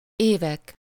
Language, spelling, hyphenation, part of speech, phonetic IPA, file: Hungarian, évek, évek, noun, [ˈeːvɛk], Hu-évek.ogg
- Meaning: nominative plural of év